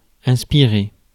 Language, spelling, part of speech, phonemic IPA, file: French, inspirer, verb, /ɛ̃s.pi.ʁe/, Fr-inspirer.ogg
- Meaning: 1. to breathe in 2. to inspire